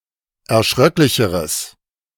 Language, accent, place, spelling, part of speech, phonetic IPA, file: German, Germany, Berlin, erschröcklicheres, adjective, [ɛɐ̯ˈʃʁœklɪçəʁəs], De-erschröcklicheres.ogg
- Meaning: strong/mixed nominative/accusative neuter singular comparative degree of erschröcklich